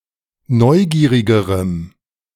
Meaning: strong dative masculine/neuter singular comparative degree of neugierig
- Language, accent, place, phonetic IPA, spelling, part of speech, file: German, Germany, Berlin, [ˈnɔɪ̯ˌɡiːʁɪɡəʁəm], neugierigerem, adjective, De-neugierigerem.ogg